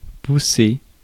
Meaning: 1. to push 2. to urge on, encourage 3. to grow 4. to spring up, to sprout 5. to utter 6. to move aside
- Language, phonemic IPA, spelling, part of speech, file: French, /pu.se/, pousser, verb, Fr-pousser.ogg